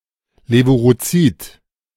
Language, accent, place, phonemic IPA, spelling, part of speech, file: German, Germany, Berlin, /ˌleːvuʁoˈtsiːt/, levurozid, adjective, De-levurozid.ogg
- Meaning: fungicidal